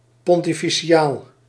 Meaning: 1. pontifical 2. pompous
- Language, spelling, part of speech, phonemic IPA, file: Dutch, pontificaal, adjective, /ˌpɔntifiˈkal/, Nl-pontificaal.ogg